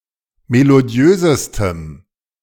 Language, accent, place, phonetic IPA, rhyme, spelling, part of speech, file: German, Germany, Berlin, [meloˈdi̯øːzəstəm], -øːzəstəm, melodiösestem, adjective, De-melodiösestem.ogg
- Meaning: strong dative masculine/neuter singular superlative degree of melodiös